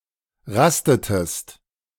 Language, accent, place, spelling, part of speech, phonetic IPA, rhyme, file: German, Germany, Berlin, rastetest, verb, [ˈʁastətəst], -astətəst, De-rastetest.ogg
- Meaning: inflection of rasten: 1. second-person singular preterite 2. second-person singular subjunctive II